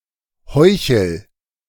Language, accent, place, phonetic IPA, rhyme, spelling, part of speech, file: German, Germany, Berlin, [ˈhɔɪ̯çl̩], -ɔɪ̯çl̩, heuchel, verb, De-heuchel.ogg
- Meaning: inflection of heucheln: 1. first-person singular present 2. singular imperative